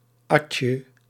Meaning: alternative spelling of adje
- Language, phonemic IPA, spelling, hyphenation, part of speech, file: Dutch, /ˈɑtjə/, atje, at‧je, noun, Nl-atje.ogg